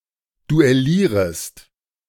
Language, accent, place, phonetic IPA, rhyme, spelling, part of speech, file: German, Germany, Berlin, [duɛˈliːʁəst], -iːʁəst, duellierest, verb, De-duellierest.ogg
- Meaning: second-person singular subjunctive I of duellieren